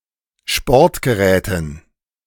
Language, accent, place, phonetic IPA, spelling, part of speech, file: German, Germany, Berlin, [ˈʃpɔʁtɡəˌʁɛːtn̩], Sportgeräten, noun, De-Sportgeräten.ogg
- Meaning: dative plural of Sportgerät